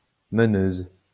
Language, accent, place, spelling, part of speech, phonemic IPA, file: French, France, Lyon, meneuse, noun, /mə.nøz/, LL-Q150 (fra)-meneuse.wav
- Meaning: female equivalent of meneur